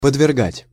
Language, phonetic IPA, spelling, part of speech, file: Russian, [pədvʲɪrˈɡatʲ], подвергать, verb, Ru-подвергать.ogg
- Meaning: to subject (to), to expose (to)